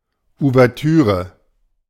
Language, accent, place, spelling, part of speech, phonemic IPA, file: German, Germany, Berlin, Ouvertüre, noun, /u.vɛʁˈtyː.ʁə/, De-Ouvertüre.ogg
- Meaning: overture